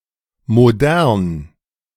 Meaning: 1. modern 2. state-of-the-art
- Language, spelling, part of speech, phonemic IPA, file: German, modern, adjective, /moˈdɛʁn/, De-modern.ogg